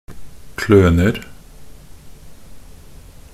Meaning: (verb) present of kløne; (noun) indefinite plural of kløne
- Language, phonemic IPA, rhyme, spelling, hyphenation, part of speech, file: Norwegian Bokmål, /ˈkløːnər/, -ər, kløner, klø‧ner, verb / noun, Nb-kløner.ogg